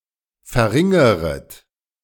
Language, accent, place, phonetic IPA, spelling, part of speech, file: German, Germany, Berlin, [fɛɐ̯ˈʁɪŋəʁət], verringeret, verb, De-verringeret.ogg
- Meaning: second-person plural subjunctive I of verringern